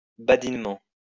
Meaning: playfully
- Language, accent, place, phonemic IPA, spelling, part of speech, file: French, France, Lyon, /ba.din.mɑ̃/, badinement, adverb, LL-Q150 (fra)-badinement.wav